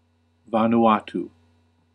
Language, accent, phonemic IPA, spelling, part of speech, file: English, US, /vɑ.nuˈɑ.tu/, Vanuatu, proper noun, En-us-Vanuatu.ogg
- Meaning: A country and archipelago of Melanesia in Oceania. Official name: Republic of Vanuatu. Capital and largest city: Port Vila